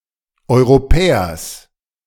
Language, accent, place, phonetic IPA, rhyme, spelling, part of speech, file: German, Germany, Berlin, [ˌɔɪ̯ʁoˈpɛːɐs], -ɛːɐs, Europäers, noun, De-Europäers.ogg
- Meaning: genitive singular of Europäer